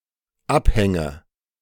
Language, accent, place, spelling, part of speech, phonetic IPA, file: German, Germany, Berlin, abhänge, verb, [ˈapˌhɛŋə], De-abhänge.ogg
- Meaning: inflection of abhängen: 1. first-person singular dependent present 2. first/third-person singular dependent subjunctive I